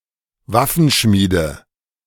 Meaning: nominative/accusative/genitive plural of Waffenschmied
- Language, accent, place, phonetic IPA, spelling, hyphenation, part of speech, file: German, Germany, Berlin, [ˈvafn̩ˌʃmiːdə], Waffenschmiede, Waf‧fen‧schmie‧de, noun, De-Waffenschmiede.ogg